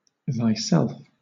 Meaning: yourself (as the object of a verb or preposition or as an intensifier); reflexive case of thou
- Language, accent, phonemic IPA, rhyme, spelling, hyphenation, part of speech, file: English, Southern England, /ðaɪˈsɛlf/, -ɛlf, thyself, thy‧self, pronoun, LL-Q1860 (eng)-thyself.wav